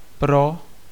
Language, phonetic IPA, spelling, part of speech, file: Czech, [ˈpro], pro, preposition / noun, Cs-pro.ogg
- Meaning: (preposition) for; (noun) 1. pro (advantage) 2. abbreviation of prosinec or prosince (“December”)